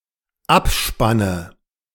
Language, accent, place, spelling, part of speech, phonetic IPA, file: German, Germany, Berlin, Abspanne, noun, [ˈapˌʃpanə], De-Abspanne.ogg
- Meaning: nominative/accusative/genitive plural of Abspann